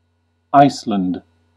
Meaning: An island and country in the North Atlantic Ocean in Europe. Official name: Republic of Iceland. Capital: Reykjavík
- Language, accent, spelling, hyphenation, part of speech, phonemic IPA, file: English, US, Iceland, Ice‧land, proper noun, /ˈaɪs.lənd/, En-us-Iceland.ogg